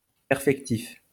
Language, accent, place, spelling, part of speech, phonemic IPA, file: French, France, Lyon, perfectif, adjective, /pɛʁ.fɛk.tif/, LL-Q150 (fra)-perfectif.wav
- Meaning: perfective